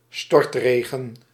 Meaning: pouring rain, downpour
- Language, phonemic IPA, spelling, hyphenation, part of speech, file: Dutch, /ˈstɔrtˌreː.ɣə(n)/, stortregen, stort‧re‧gen, noun, Nl-stortregen.ogg